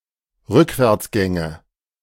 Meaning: nominative/accusative/genitive plural of Rückwärtsgang
- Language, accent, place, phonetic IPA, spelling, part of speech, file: German, Germany, Berlin, [ˈʁʏkvɛʁt͡sˌɡɛŋə], Rückwärtsgänge, noun, De-Rückwärtsgänge.ogg